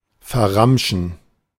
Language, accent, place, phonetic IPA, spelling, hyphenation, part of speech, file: German, Germany, Berlin, [fɛɐ̯ˈʁamʃn̩], verramschen, ver‧ram‧schen, verb, De-verramschen.ogg
- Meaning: to sell off, sell at a loss, to dump